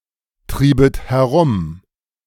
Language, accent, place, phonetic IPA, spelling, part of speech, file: German, Germany, Berlin, [ˌtʁiːbət hɛˈʁʊm], triebet herum, verb, De-triebet herum.ogg
- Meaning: second-person plural subjunctive II of herumtreiben